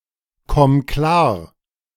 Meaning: singular imperative of klarkommen
- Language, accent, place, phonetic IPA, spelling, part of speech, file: German, Germany, Berlin, [ˌkɔm ˈklaːɐ̯], komm klar, verb, De-komm klar.ogg